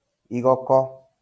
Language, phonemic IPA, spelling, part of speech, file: Kikuyu, /ìɣɔ̀kɔ́(ꜜ)/, igoko, noun, LL-Q33587 (kik)-igoko.wav
- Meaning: bark of tree